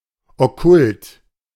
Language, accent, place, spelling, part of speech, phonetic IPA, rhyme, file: German, Germany, Berlin, okkult, adjective, [ɔˈkʊlt], -ʊlt, De-okkult.ogg
- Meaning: occult